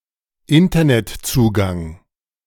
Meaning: Internet access
- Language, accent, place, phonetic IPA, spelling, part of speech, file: German, Germany, Berlin, [ˈɪntɐnɛtˌt͡suːɡaŋ], Internetzugang, noun, De-Internetzugang.ogg